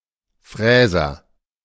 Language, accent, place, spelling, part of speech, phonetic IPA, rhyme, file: German, Germany, Berlin, Fräser, noun, [ˈfʁɛːzɐ], -ɛːzɐ, De-Fräser.ogg
- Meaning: mill, milling cutter (cutting tool)